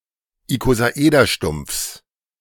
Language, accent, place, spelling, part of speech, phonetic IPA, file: German, Germany, Berlin, Ikosaederstumpfs, noun, [ikozaˈʔeːdɐˌʃtʊmp͡fs], De-Ikosaederstumpfs.ogg
- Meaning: genitive singular of Ikosaederstumpf